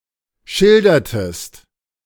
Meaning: inflection of schildern: 1. second-person singular preterite 2. second-person singular subjunctive II
- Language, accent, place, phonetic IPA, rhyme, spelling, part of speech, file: German, Germany, Berlin, [ˈʃɪldɐtəst], -ɪldɐtəst, schildertest, verb, De-schildertest.ogg